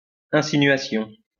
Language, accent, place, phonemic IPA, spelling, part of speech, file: French, France, Lyon, /ɛ̃.si.nɥa.sjɔ̃/, insinuation, noun, LL-Q150 (fra)-insinuation.wav
- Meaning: insinuation